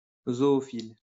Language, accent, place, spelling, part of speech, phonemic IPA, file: French, France, Lyon, zoophile, adjective / noun, /zɔ.ɔ.fil/, LL-Q150 (fra)-zoophile.wav
- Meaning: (adjective) zoophilic; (noun) zoophile